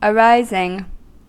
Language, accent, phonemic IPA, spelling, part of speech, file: English, US, /əˈɹaɪzɪŋ/, arising, verb / noun, En-us-arising.ogg
- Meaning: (verb) present participle and gerund of arise; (noun) The process by which something arises; origination; occurrence